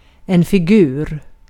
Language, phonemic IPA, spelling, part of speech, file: Swedish, /fɪˈɡʉːr/, figur, noun, Sv-figur.ogg
- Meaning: 1. a figure (shape) 2. a figure (representation, by drawing, modeling, or the like) 3. a figure (body shape) 4. a figure (person, emphasizing personality) 5. a figure (illustrative picture or diagram)